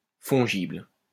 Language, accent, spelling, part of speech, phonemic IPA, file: French, France, fongible, adjective, /fɔ̃.ʒibl/, LL-Q150 (fra)-fongible.wav
- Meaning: fungible (able to be substituted for something of equal value)